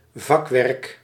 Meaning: a good, professional-level job, ably skilled performance
- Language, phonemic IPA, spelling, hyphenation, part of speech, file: Dutch, /ˈvɑk.ʋɛrk/, vakwerk, vak‧werk, noun, Nl-vakwerk.ogg